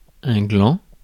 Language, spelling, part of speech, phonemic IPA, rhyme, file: French, gland, noun, /ɡlɑ̃/, -ɑ̃, Fr-gland.ogg
- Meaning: 1. acorn 2. glans 3. glans: ellipsis of gland du pénis (“glans penis”) 4. glans: ellipsis of gland du clitoris (“glans clitoridis”) 5. tassel 6. prick, wanker, bell end